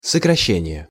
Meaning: 1. abbreviation 2. reduction, curtailment 3. abridgment 4. contraction, short form 5. downsizing
- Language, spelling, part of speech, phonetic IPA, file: Russian, сокращение, noun, [səkrɐˈɕːenʲɪje], Ru-сокращение.ogg